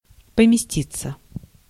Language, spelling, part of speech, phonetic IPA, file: Russian, поместиться, verb, [pəmʲɪˈsʲtʲit͡sːə], Ru-поместиться.ogg
- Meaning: 1. to fit 2. to stay, to take a seat 3. passive of помести́ть (pomestítʹ): to be housed, to be published